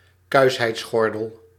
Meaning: chastity belt
- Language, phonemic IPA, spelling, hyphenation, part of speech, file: Dutch, /ˈkœy̯s.ɦɛi̯tsˌxɔr.dəl/, kuisheidsgordel, kuis‧heids‧gor‧del, noun, Nl-kuisheidsgordel.ogg